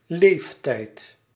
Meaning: 1. age (amount of time a being or object has lived or existed) 2. age (stage of one's life or existence) 3. lifetime, lifespan
- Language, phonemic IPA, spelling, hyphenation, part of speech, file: Dutch, /ˈleːf.tɛi̯t/, leeftijd, leef‧tijd, noun, Nl-leeftijd.ogg